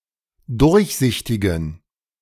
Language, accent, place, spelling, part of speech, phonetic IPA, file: German, Germany, Berlin, durchsichtigen, adjective, [ˈdʊʁçˌzɪçtɪɡn̩], De-durchsichtigen.ogg
- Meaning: inflection of durchsichtig: 1. strong genitive masculine/neuter singular 2. weak/mixed genitive/dative all-gender singular 3. strong/weak/mixed accusative masculine singular 4. strong dative plural